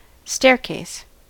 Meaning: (noun) 1. A flight of stairs; a stairway 2. A connected set of flights of stairs; a stairwell 3. A set of locks (enclosed sections of waterway) mounted one above the next
- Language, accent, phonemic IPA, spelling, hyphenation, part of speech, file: English, US, /ˈstɛɹˌkeɪs/, staircase, stair‧case, noun / verb, En-us-staircase.ogg